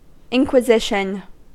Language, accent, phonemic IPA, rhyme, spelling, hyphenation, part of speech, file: English, US, /ˌɪŋkwɪˈzɪʃən/, -ɪʃən, inquisition, in‧qui‧si‧tion, noun / verb, En-us-inquisition.ogg
- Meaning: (noun) An inquiry or investigation into the truth of some matter